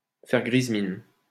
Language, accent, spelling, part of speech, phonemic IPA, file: French, France, faire grise mine, verb, /fɛʁ ɡʁiz min/, LL-Q150 (fra)-faire grise mine.wav
- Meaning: 1. to look glum, to have a long face 2. to behave coldly towards, to treat coldly; to cold-shoulder